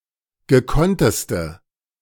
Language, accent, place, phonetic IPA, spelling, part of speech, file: German, Germany, Berlin, [ɡəˈkɔntəstə], gekonnteste, adjective, De-gekonnteste.ogg
- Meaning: inflection of gekonnt: 1. strong/mixed nominative/accusative feminine singular superlative degree 2. strong nominative/accusative plural superlative degree